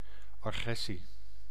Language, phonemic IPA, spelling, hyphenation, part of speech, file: Dutch, /ɑˈɣrɛ.si/, agressie, agres‧sie, noun, Nl-agressie.ogg
- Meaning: 1. hostile, aggressive behaviour, aggression 2. aggression, the act of initiating hostile activities, e.g. a military invasion 3. attack